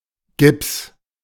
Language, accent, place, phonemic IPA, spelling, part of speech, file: German, Germany, Berlin, /ɡɪps/, Gips, noun, De-Gips.ogg
- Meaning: 1. gypsum 2. ellipsis of Gipsverband (“cast for a broken bone”)